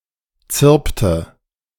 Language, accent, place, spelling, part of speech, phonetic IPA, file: German, Germany, Berlin, zirpte, verb, [ˈt͡sɪʁptə], De-zirpte.ogg
- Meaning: inflection of zirpen: 1. first/third-person singular preterite 2. first/third-person singular subjunctive II